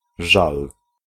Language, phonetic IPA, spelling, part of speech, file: Polish, [ʒal], żal, noun, Pl-żal.ogg